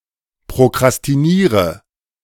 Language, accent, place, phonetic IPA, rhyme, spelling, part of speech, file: German, Germany, Berlin, [pʁokʁastiˈniːʁə], -iːʁə, prokrastiniere, verb, De-prokrastiniere.ogg
- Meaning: inflection of prokrastinieren: 1. first-person singular present 2. first/third-person singular subjunctive I 3. singular imperative